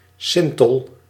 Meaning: ember
- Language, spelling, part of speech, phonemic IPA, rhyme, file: Dutch, sintel, noun, /ˈsɪntəl/, -ɪntəl, Nl-sintel.ogg